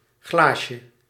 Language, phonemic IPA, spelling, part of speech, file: Dutch, /ˈɣlaʃə/, glaasje, noun, Nl-glaasje.ogg
- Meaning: diminutive of glas